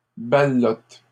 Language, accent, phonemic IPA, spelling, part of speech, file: French, Canada, /ba.lɔt/, ballottes, verb, LL-Q150 (fra)-ballottes.wav
- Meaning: second-person singular present indicative/subjunctive of ballotter